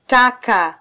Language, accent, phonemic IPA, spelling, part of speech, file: Swahili, Kenya, /ˈtɑ.kɑ/, taka, noun, Sw-ke-taka.flac
- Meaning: dirt, filth